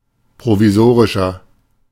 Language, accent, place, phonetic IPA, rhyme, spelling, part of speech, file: German, Germany, Berlin, [pʁoviˈzoːʁɪʃɐ], -oːʁɪʃɐ, provisorischer, adjective, De-provisorischer.ogg
- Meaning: inflection of provisorisch: 1. strong/mixed nominative masculine singular 2. strong genitive/dative feminine singular 3. strong genitive plural